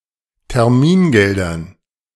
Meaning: dative plural of Termingeld
- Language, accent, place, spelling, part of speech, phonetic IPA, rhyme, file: German, Germany, Berlin, Termingeldern, noun, [tɛʁˈmiːnˌɡɛldɐn], -iːnɡɛldɐn, De-Termingeldern.ogg